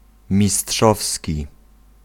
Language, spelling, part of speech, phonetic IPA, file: Polish, mistrzowski, adjective, [mʲiˈsṭʃɔfsʲci], Pl-mistrzowski.ogg